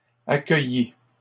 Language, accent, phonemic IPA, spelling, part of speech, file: French, Canada, /a.kœ.ji/, accueilli, verb, LL-Q150 (fra)-accueilli.wav
- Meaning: past participle of accueillir